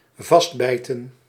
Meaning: 1. to bite deep 2. to dig in [with in ‘in’], to continue with resilience [with in], to carry on resiliently
- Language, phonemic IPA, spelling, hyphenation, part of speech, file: Dutch, /ˈvɑstˌbɛi̯.tə(n)/, vastbijten, vast‧bij‧ten, verb, Nl-vastbijten.ogg